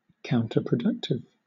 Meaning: More of a hindrance than a help
- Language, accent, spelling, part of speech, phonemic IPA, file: English, Southern England, counterproductive, adjective, /ˌkaʊntəpɹəˈdʌktɪv/, LL-Q1860 (eng)-counterproductive.wav